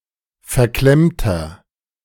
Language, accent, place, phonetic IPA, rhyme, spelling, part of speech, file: German, Germany, Berlin, [fɛɐ̯ˈklɛmtɐ], -ɛmtɐ, verklemmter, adjective, De-verklemmter.ogg
- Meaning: 1. comparative degree of verklemmt 2. inflection of verklemmt: strong/mixed nominative masculine singular 3. inflection of verklemmt: strong genitive/dative feminine singular